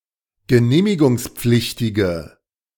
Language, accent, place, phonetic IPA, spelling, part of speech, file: German, Germany, Berlin, [ɡəˈneːmɪɡʊŋsˌp͡flɪçtɪɡə], genehmigungspflichtige, adjective, De-genehmigungspflichtige.ogg
- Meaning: inflection of genehmigungspflichtig: 1. strong/mixed nominative/accusative feminine singular 2. strong nominative/accusative plural 3. weak nominative all-gender singular